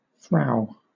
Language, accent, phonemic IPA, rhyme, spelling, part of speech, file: English, Southern England, /fɹaʊ/, -aʊ, frow, noun, LL-Q1860 (eng)-frow.wav
- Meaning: 1. A woman; a wife, especially a Dutch or German one 2. A slovenly woman; a wench; a lusty woman 3. A big, fat woman; a slovenly, coarse, or untidy woman; a woman of low character